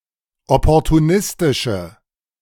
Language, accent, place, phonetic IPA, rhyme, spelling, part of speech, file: German, Germany, Berlin, [ˌɔpɔʁtuˈnɪstɪʃə], -ɪstɪʃə, opportunistische, adjective, De-opportunistische.ogg
- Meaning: inflection of opportunistisch: 1. strong/mixed nominative/accusative feminine singular 2. strong nominative/accusative plural 3. weak nominative all-gender singular